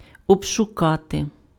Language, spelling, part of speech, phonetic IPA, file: Ukrainian, обшукати, verb, [ɔbʃʊˈkate], Uk-обшукати.ogg
- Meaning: 1. to search, to conduct a search of (inspect for investigatory purposes) 2. to ransack 3. to frisk